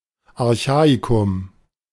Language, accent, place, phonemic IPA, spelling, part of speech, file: German, Germany, Berlin, /aʁˈçaːikʊm/, Archaikum, proper noun, De-Archaikum.ogg
- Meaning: the Archaean